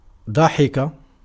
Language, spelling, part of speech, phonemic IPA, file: Arabic, ضحك, verb, /dˤa.ħi.ka/, Ar-ضحك.ogg
- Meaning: 1. to laugh 2. to jeer, to scoff